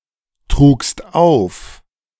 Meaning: second-person singular preterite of auftragen
- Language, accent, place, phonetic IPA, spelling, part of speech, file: German, Germany, Berlin, [ˌtʁuːkst ˈaʊ̯f], trugst auf, verb, De-trugst auf.ogg